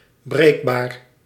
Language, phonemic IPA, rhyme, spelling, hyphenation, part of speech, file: Dutch, /ˈbreːk.baːr/, -eːkbaːr, breekbaar, breek‧baar, adjective, Nl-breekbaar.ogg
- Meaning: breakable, fragile